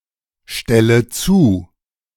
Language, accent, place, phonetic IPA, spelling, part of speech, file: German, Germany, Berlin, [ˌʃtɛlə ˈt͡suː], stelle zu, verb, De-stelle zu.ogg
- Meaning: inflection of zustellen: 1. first-person singular present 2. first/third-person singular subjunctive I 3. singular imperative